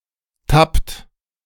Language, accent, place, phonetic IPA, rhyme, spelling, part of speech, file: German, Germany, Berlin, [tapt], -apt, tappt, verb, De-tappt.ogg
- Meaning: inflection of tappen: 1. second-person plural present 2. third-person singular present 3. plural imperative